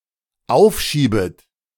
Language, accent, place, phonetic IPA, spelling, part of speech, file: German, Germany, Berlin, [ˈaʊ̯fˌʃiːbət], aufschiebet, verb, De-aufschiebet.ogg
- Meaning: second-person plural dependent subjunctive I of aufschieben